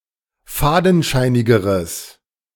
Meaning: strong/mixed nominative/accusative neuter singular comparative degree of fadenscheinig
- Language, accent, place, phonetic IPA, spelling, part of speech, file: German, Germany, Berlin, [ˈfaːdn̩ˌʃaɪ̯nɪɡəʁəs], fadenscheinigeres, adjective, De-fadenscheinigeres.ogg